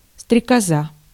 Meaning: dragonfly (an insect of the suborder Anisoptera)
- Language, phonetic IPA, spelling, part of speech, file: Russian, [strʲɪkɐˈza], стрекоза, noun, Ru-стрекоза.ogg